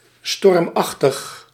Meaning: stormy, tempestuous
- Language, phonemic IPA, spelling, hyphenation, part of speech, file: Dutch, /ˈstɔrmˌɑx.təx/, stormachtig, storm‧ach‧tig, adjective, Nl-stormachtig.ogg